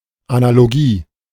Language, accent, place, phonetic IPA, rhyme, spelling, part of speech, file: German, Germany, Berlin, [analoˈɡiː], -iː, Analogie, noun, De-Analogie.ogg
- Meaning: analogy (similar example as explanation)